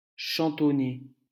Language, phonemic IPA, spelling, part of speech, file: French, /ʃɑ̃.tɔ.ne/, chantonner, verb, LL-Q150 (fra)-chantonner.wav
- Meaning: to sing or hum (to oneself)